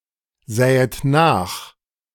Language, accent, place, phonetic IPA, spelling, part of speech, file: German, Germany, Berlin, [ˌzɛːət ˈnaːx], sähet nach, verb, De-sähet nach.ogg
- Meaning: second-person plural subjunctive II of nachsehen